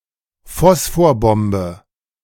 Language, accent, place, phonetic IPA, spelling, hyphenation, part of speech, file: German, Germany, Berlin, [ˈfɔsfoːɐ̯ˌbɔmbə], Phosphorbombe, Phos‧phor‧bom‧be, noun, De-Phosphorbombe.ogg
- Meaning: phosphorus bomb